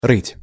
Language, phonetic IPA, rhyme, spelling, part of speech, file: Russian, [rɨtʲ], -ɨtʲ, рыть, verb, Ru-рыть.ogg
- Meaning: 1. to dig 2. to burrow, to mine